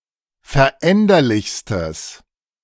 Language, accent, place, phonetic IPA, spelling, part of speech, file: German, Germany, Berlin, [fɛɐ̯ˈʔɛndɐlɪçstəs], veränderlichstes, adjective, De-veränderlichstes.ogg
- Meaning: strong/mixed nominative/accusative neuter singular superlative degree of veränderlich